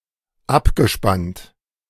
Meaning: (verb) past participle of abspannen; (adjective) exhausted
- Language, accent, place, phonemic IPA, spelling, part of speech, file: German, Germany, Berlin, /ˈʔapɡəʃpant/, abgespannt, verb / adjective, De-abgespannt.ogg